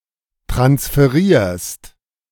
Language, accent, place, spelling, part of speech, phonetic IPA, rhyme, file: German, Germany, Berlin, transferierst, verb, [tʁansfəˈʁiːɐ̯st], -iːɐ̯st, De-transferierst.ogg
- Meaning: second-person singular present of transferieren